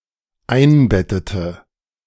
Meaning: inflection of einbetten: 1. first/third-person singular dependent preterite 2. first/third-person singular dependent subjunctive II
- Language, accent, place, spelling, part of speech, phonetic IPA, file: German, Germany, Berlin, einbettete, verb, [ˈaɪ̯nˌbɛtətə], De-einbettete.ogg